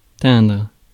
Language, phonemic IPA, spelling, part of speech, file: French, /tɛ̃dʁ/, teindre, verb, Fr-teindre.ogg
- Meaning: 1. to dye 2. to tint, tinge